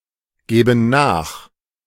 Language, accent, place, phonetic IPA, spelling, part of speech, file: German, Germany, Berlin, [ˌɡeːbn̩ ˈnaːx], geben nach, verb, De-geben nach.ogg
- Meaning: inflection of nachgeben: 1. first/third-person plural present 2. first/third-person plural subjunctive I